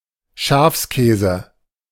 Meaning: sheep's milk cheese
- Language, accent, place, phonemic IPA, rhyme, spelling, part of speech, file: German, Germany, Berlin, /ˈʃaːfsˌkɛːzə/, -ɛːzə, Schafskäse, noun, De-Schafskäse.ogg